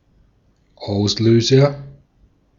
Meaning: 1. trigger (event that initiates others, or incites a response) 2. shutter-release button, shutter button
- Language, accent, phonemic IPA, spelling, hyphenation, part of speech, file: German, Austria, /ˈaʊ̯sˌløːzɐ/, Auslöser, Aus‧lö‧ser, noun, De-at-Auslöser.ogg